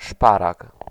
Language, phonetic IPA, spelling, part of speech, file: Polish, [ˈʃparak], szparag, noun, Pl-szparag.ogg